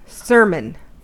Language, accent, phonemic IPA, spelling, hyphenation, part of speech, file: English, US, /ˈsɝ.mən/, sermon, ser‧mon, noun / verb, En-us-sermon.ogg
- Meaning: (noun) 1. Religious discourse; a written or spoken address on a religious or moral matter 2. A lengthy speech of reproval; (verb) 1. To discourse to or of, as in a sermon 2. To tutor; to lecture